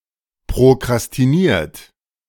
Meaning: 1. past participle of prokrastinieren 2. inflection of prokrastinieren: third-person singular present 3. inflection of prokrastinieren: second-person plural present
- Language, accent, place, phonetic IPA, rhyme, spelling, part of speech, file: German, Germany, Berlin, [pʁokʁastiˈniːɐ̯t], -iːɐ̯t, prokrastiniert, verb, De-prokrastiniert.ogg